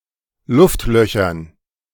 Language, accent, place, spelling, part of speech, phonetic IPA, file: German, Germany, Berlin, Luftlöchern, noun, [ˈlʊftˌlœçɐn], De-Luftlöchern.ogg
- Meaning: dative plural of Luftloch